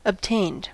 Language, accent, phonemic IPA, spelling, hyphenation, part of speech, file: English, US, /əbˈteɪnd/, obtained, ob‧tained, verb, En-us-obtained.ogg
- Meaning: simple past and past participle of obtain